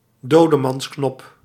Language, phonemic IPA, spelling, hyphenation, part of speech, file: Dutch, /ˈdoːdəmɑnsˌknɔp/, dodemansknop, do‧de‧mans‧knop, noun, Nl-dodemansknop.ogg
- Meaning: dead man's switch